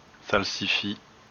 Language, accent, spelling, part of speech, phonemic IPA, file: French, France, salsifis, noun, /sal.si.fi/, LL-Q150 (fra)-salsifis.wav
- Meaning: salsify